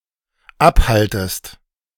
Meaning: second-person singular dependent subjunctive I of abhalten
- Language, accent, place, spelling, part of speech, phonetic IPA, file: German, Germany, Berlin, abhaltest, verb, [ˈapˌhaltəst], De-abhaltest.ogg